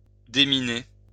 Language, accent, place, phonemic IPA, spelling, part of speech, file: French, France, Lyon, /de.mi.ne/, déminer, verb, LL-Q150 (fra)-déminer.wav
- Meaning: to demine, to remove mines from